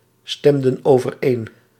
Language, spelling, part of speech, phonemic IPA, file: Dutch, stemden overeen, verb, /ˈstɛmdə(n) ovərˈen/, Nl-stemden overeen.ogg
- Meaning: inflection of overeenstemmen: 1. plural past indicative 2. plural past subjunctive